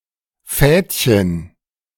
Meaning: diminutive of Faden; a tiny string or thread
- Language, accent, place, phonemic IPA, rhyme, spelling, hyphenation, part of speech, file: German, Germany, Berlin, /ˈfɛːtçən/, -ɛːtçən, Fädchen, Fäd‧chen, noun, De-Fädchen.ogg